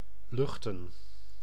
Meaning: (verb) 1. to air, bring something into contact with the air; to give a walk in open air 2. to stand, suffer, tolerate 3. to illuminate, to give off light; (noun) plural of lucht
- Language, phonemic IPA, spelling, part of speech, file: Dutch, /ˈlʏxtə(n)/, luchten, verb / noun, Nl-luchten.ogg